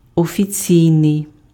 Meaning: official (derived from the proper office; approved by authority)
- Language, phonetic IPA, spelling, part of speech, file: Ukrainian, [ɔfʲiˈt͡sʲii̯nei̯], офіційний, adjective, Uk-офіційний.ogg